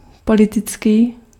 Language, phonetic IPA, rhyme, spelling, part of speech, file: Czech, [ˈpolɪtɪt͡skiː], -ɪtskiː, politický, adjective, Cs-politický.ogg
- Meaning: political